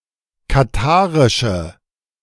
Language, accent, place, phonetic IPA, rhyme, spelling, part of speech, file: German, Germany, Berlin, [kaˈtaːʁɪʃə], -aːʁɪʃə, katharische, adjective, De-katharische.ogg
- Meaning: inflection of katharisch: 1. strong/mixed nominative/accusative feminine singular 2. strong nominative/accusative plural 3. weak nominative all-gender singular